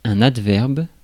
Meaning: adverb (lexical category)
- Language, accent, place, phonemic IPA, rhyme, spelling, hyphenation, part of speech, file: French, France, Paris, /ad.vɛʁb/, -ɛʁb, adverbe, ad‧verbe, noun, Fr-adverbe.ogg